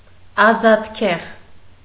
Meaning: parsley, Petroselinum Hoffm. spp
- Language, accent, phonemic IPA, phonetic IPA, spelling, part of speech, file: Armenian, Eastern Armenian, /ɑzɑtˈkʰeʁ/, [ɑzɑtkʰéʁ], ազատքեղ, noun, Hy-ազատքեղ.ogg